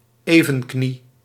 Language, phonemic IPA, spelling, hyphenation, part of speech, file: Dutch, /ˈeː.və(n)ˌkni/, evenknie, even‧knie, noun, Nl-evenknie.ogg
- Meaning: counterpart, someone or something with a similar role or equal status